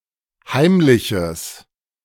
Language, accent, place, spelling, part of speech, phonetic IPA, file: German, Germany, Berlin, heimliches, adjective, [ˈhaɪ̯mlɪçəs], De-heimliches.ogg
- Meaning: strong/mixed nominative/accusative neuter singular of heimlich